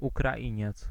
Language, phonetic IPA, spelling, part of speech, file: Polish, [ˌukraˈʲĩɲɛt͡s], Ukrainiec, noun, Pl-Ukrainiec.ogg